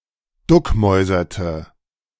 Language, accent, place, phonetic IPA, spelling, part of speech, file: German, Germany, Berlin, [ˈdʊkˌmɔɪ̯zɐtə], duckmäuserte, verb, De-duckmäuserte.ogg
- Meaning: inflection of duckmäusern: 1. first/third-person singular preterite 2. first/third-person singular subjunctive II